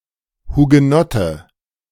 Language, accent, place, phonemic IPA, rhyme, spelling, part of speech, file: German, Germany, Berlin, /huɡəˈnɔtə/, -ɔtə, Hugenotte, noun, De-Hugenotte.ogg
- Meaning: Huguenot